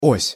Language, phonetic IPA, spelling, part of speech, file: Russian, [osʲ], ось, noun, Ru-ось.ogg
- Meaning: 1. axis 2. axle 3. operating system